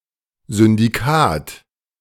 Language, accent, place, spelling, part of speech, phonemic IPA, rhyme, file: German, Germany, Berlin, Syndikat, noun, /zʏn.diˈkaːt/, -aːt, De-Syndikat.ogg
- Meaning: syndicate